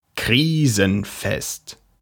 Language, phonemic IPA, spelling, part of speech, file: German, /ˈkʁiːzənˌfɛst/, krisenfest, adjective, De-krisenfest.ogg
- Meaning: crisis-proof